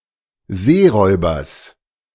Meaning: genitive singular of Seeräuber
- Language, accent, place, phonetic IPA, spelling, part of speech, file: German, Germany, Berlin, [ˈzeːˌʁɔɪ̯bɐs], Seeräubers, noun, De-Seeräubers.ogg